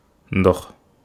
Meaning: water
- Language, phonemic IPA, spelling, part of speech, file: Wolof, /ndɔx/, ndox, noun, Wo-ndox.ogg